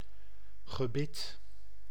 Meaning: denture (set of teeth, also artificial)
- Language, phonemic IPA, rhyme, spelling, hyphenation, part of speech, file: Dutch, /ɣəˈbɪt/, -ɪt, gebit, ge‧bit, noun, Nl-gebit.ogg